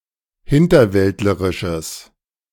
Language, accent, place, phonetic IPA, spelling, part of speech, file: German, Germany, Berlin, [ˈhɪntɐˌvɛltləʁɪʃəs], hinterwäldlerisches, adjective, De-hinterwäldlerisches.ogg
- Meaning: strong/mixed nominative/accusative neuter singular of hinterwäldlerisch